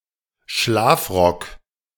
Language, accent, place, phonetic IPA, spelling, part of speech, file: German, Germany, Berlin, [ˈʃlaːfˌʁɔk], Schlafrock, noun, De-Schlafrock.ogg
- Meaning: any robe-like garment worn before dressing, especially a dressing gown/bathrobe